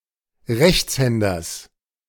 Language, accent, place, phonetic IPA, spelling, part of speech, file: German, Germany, Berlin, [ˈʁɛçt͡sˌhɛndɐs], Rechtshänders, noun, De-Rechtshänders.ogg
- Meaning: genitive singular of Rechtshänder